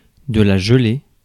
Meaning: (noun) 1. frost 2. jelly (wobbly food) 3. jelly-like substance; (verb) feminine singular of gelé
- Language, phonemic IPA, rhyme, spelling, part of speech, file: French, /ʒə.le/, -e, gelée, noun / verb, Fr-gelée.ogg